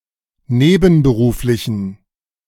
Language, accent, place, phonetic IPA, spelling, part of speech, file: German, Germany, Berlin, [ˈneːbn̩bəˌʁuːflɪçn̩], nebenberuflichen, adjective, De-nebenberuflichen.ogg
- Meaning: inflection of nebenberuflich: 1. strong genitive masculine/neuter singular 2. weak/mixed genitive/dative all-gender singular 3. strong/weak/mixed accusative masculine singular 4. strong dative plural